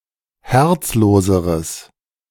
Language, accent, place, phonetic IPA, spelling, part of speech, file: German, Germany, Berlin, [ˈhɛʁt͡sˌloːzəʁəs], herzloseres, adjective, De-herzloseres.ogg
- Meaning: strong/mixed nominative/accusative neuter singular comparative degree of herzlos